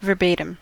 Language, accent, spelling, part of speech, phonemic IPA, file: English, US, verbatim, adverb / adjective / noun, /vəɹˈbeɪ.tɪm/, En-us-verbatim.ogg
- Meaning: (adverb) 1. Word for word; in exactly the same words as were used originally 2. Orally; verbally; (adjective) Corresponding with the original word for word